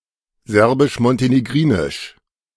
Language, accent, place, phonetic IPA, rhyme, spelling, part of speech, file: German, Germany, Berlin, [ˌzɛʁbɪʃmɔnteneˈɡʁiːnɪʃ], -iːnɪʃ, serbisch-montenegrinisch, adjective, De-serbisch-montenegrinisch.ogg
- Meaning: of Serbia and Montenegro